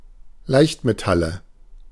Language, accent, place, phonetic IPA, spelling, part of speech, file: German, Germany, Berlin, [ˈlaɪ̯çtmeˌtalə], Leichtmetalle, noun, De-Leichtmetalle.ogg
- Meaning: nominative/accusative/genitive plural of Leichtmetall